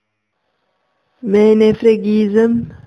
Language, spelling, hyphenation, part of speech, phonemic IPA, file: Emilian, menefreghìśem, me‧ne‧fre‧ghì‧śem, noun, /me.ne.freˈɡiː.zem/, Eml-menefreghìśem.oga
- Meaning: An uncaring or couldn't-care-less attitude